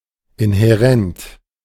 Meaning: inherent
- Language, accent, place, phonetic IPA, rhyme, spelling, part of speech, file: German, Germany, Berlin, [ɪnhɛˈʁɛnt], -ɛnt, inhärent, adjective, De-inhärent.ogg